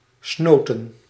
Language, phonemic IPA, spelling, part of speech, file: Dutch, /ˈsnoː.tə(n)/, snoten, verb, Nl-snoten.ogg
- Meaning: inflection of snuiten: 1. plural past indicative 2. plural past subjunctive